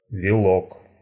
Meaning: 1. head of cabbage 2. weak, wretched man; pussy
- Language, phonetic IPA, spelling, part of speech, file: Russian, [vʲɪˈɫok], вилок, noun, Ru-вило́к.ogg